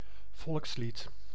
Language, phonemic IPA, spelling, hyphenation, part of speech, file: Dutch, /ˈvɔlks.lit/, volkslied, volks‧lied, noun, Nl-volkslied.ogg
- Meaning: 1. a national anthem; also an anthem associated with a subnational grouping or level of government 2. a folk song